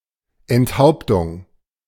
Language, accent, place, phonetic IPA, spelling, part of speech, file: German, Germany, Berlin, [ɛntˈhaʊ̯ptʊŋ], Enthauptung, noun, De-Enthauptung.ogg
- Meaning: beheading, decapitation